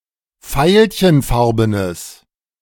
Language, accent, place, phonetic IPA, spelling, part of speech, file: German, Germany, Berlin, [ˈfaɪ̯lçənˌfaʁbənəs], veilchenfarbenes, adjective, De-veilchenfarbenes.ogg
- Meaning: strong/mixed nominative/accusative neuter singular of veilchenfarben